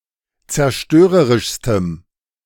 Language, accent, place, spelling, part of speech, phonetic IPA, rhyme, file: German, Germany, Berlin, zerstörerischstem, adjective, [t͡sɛɐ̯ˈʃtøːʁəʁɪʃstəm], -øːʁəʁɪʃstəm, De-zerstörerischstem.ogg
- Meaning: strong dative masculine/neuter singular superlative degree of zerstörerisch